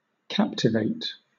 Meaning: 1. To make (a person, an animal, etc.) a captive; to take prisoner; to capture, to subdue 2. To capture or control (the mind, etc.); to subdue, to subjugate
- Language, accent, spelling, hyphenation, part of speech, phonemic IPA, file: English, Southern England, captivate, cap‧tiv‧ate, verb, /ˈkæptɪveɪt/, LL-Q1860 (eng)-captivate.wav